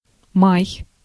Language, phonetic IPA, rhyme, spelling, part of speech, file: Russian, [maj], -aj, май, noun / verb, Ru-май.ogg
- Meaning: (noun) May; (verb) second-person singular imperative imperfective of ма́ять (májatʹ)